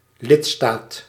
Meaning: member state
- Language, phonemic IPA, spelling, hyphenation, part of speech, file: Dutch, /ˈlɪt.staːt/, lidstaat, lid‧staat, noun, Nl-lidstaat.ogg